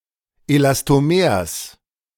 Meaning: genitive singular of Elastomer
- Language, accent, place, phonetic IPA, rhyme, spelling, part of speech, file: German, Germany, Berlin, [elastoˈmeːɐ̯s], -eːɐ̯s, Elastomers, noun, De-Elastomers.ogg